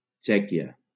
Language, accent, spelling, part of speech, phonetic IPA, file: Catalan, Valencia, Txèquia, proper noun, [ˈt͡ʃɛ.ki.a], LL-Q7026 (cat)-Txèquia.wav
- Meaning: Czech Republic, Czechia (a country in Central Europe; official name: República Txeca)